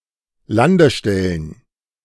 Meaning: plural of Landestelle
- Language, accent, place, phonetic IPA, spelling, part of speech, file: German, Germany, Berlin, [ˈlandəˌʃtɛlən], Landestellen, noun, De-Landestellen.ogg